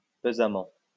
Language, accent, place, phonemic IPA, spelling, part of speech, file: French, France, Lyon, /pə.za.mɑ̃/, pesamment, adverb, LL-Q150 (fra)-pesamment.wav
- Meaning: heavily